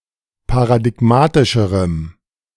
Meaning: strong dative masculine/neuter singular comparative degree of paradigmatisch
- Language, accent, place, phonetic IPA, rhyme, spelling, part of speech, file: German, Germany, Berlin, [paʁadɪˈɡmaːtɪʃəʁəm], -aːtɪʃəʁəm, paradigmatischerem, adjective, De-paradigmatischerem.ogg